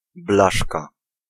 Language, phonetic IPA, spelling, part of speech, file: Polish, [ˈblaʃka], blaszka, noun, Pl-blaszka.ogg